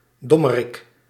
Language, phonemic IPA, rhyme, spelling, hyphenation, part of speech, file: Dutch, /ˈdɔ.məˌrɪk/, -ɔmərɪk, dommerik, dom‧me‧rik, noun, Nl-dommerik.ogg
- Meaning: dunce, dumbass